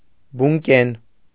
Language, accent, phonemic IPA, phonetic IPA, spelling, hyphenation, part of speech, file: Armenian, Eastern Armenian, /bunˈken/, [buŋkén], բունկեն, բուն‧կեն, adjective, Hy-բունկեն.ogg
- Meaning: having holes